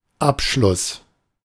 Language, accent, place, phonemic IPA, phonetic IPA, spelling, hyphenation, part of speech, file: German, Germany, Berlin, /ˈapˌʃlʊs/, [ˈʔapˌʃlʊs], Abschluss, Ab‧schluss, noun, De-Abschluss.ogg
- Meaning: 1. exclusion 2. end (finish) 3. graduation (the act or process of graduating)